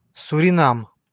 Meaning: Suriname (a country in South America)
- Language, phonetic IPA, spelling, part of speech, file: Russian, [sʊrʲɪˈnam], Суринам, proper noun, Ru-Суринам.ogg